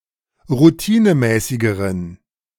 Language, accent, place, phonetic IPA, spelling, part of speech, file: German, Germany, Berlin, [ʁuˈtiːnəˌmɛːsɪɡəʁən], routinemäßigeren, adjective, De-routinemäßigeren.ogg
- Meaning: inflection of routinemäßig: 1. strong genitive masculine/neuter singular comparative degree 2. weak/mixed genitive/dative all-gender singular comparative degree